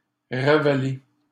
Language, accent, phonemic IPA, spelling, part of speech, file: French, Canada, /ʁa.va.le/, ravaler, verb, LL-Q150 (fra)-ravaler.wav
- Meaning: 1. to restore 2. to swallow again 3. to debase